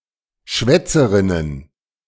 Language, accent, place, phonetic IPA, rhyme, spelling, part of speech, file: German, Germany, Berlin, [ˈʃvɛt͡səʁɪnən], -ɛt͡səʁɪnən, Schwätzerinnen, noun, De-Schwätzerinnen.ogg
- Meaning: plural of Schwätzerin